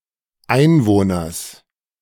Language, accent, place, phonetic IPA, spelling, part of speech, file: German, Germany, Berlin, [ˈaɪ̯nˌvoːnɐs], Einwohners, noun, De-Einwohners.ogg
- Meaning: genitive singular of Einwohner